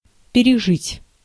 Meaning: 1. to survive 2. to ride out, to go/get/live through; to be through, to get over (a hardship) 3. [with dative ‘whom?’ and accusative ‘на + by how much?’] to outlive
- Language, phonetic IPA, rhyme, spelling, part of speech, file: Russian, [pʲɪrʲɪˈʐɨtʲ], -ɨtʲ, пережить, verb, Ru-пережить.ogg